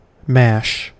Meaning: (noun) A mass of mixed ingredients reduced to a soft pulpy state by beating or pressure; a mass of anything in a soft pulpy state
- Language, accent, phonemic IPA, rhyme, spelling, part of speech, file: English, US, /mæʃ/, -æʃ, mash, noun / verb, En-us-mash.ogg